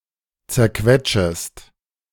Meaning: second-person singular subjunctive I of zerquetschen
- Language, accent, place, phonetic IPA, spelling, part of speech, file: German, Germany, Berlin, [t͡sɛɐ̯ˈkvɛtʃəst], zerquetschest, verb, De-zerquetschest.ogg